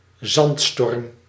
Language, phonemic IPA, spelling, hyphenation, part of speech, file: Dutch, /ˈzɑnt.stɔrm/, zandstorm, zand‧storm, noun, Nl-zandstorm.ogg
- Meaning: sandstorm